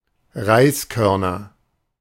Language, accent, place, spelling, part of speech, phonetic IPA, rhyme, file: German, Germany, Berlin, Reiskörner, noun, [ˈʁaɪ̯sˌkœʁnɐ], -aɪ̯skœʁnɐ, De-Reiskörner.ogg
- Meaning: nominative/accusative/genitive plural of Reiskorn